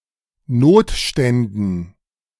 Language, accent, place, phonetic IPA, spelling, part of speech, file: German, Germany, Berlin, [ˈnoːtˌʃtɛndn̩], Notständen, noun, De-Notständen.ogg
- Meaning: dative plural of Notstand